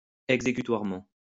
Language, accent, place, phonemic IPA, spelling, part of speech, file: French, France, Lyon, /ɛɡ.ze.ky.twaʁ.mɑ̃/, exécutoirement, adverb, LL-Q150 (fra)-exécutoirement.wav
- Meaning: enforceably